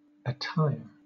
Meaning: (noun) 1. One's dress; what one wears; one's clothes 2. The single horn of a goat, deer or stag; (verb) To clothe or adorn
- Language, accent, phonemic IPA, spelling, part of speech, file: English, Southern England, /əˈtaɪɚ/, attire, noun / verb, LL-Q1860 (eng)-attire.wav